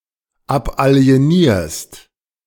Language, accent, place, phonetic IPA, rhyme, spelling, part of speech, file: German, Germany, Berlin, [ˌapʔali̯eˈniːɐ̯st], -iːɐ̯st, abalienierst, verb, De-abalienierst.ogg
- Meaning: second-person singular present of abalienieren